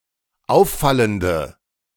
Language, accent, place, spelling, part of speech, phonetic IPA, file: German, Germany, Berlin, auffallende, adjective, [ˈaʊ̯fˌfaləndə], De-auffallende.ogg
- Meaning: inflection of auffallend: 1. strong/mixed nominative/accusative feminine singular 2. strong nominative/accusative plural 3. weak nominative all-gender singular